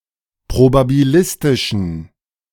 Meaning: inflection of probabilistisch: 1. strong genitive masculine/neuter singular 2. weak/mixed genitive/dative all-gender singular 3. strong/weak/mixed accusative masculine singular 4. strong dative plural
- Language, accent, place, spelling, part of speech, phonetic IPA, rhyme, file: German, Germany, Berlin, probabilistischen, adjective, [pʁobabiˈlɪstɪʃn̩], -ɪstɪʃn̩, De-probabilistischen.ogg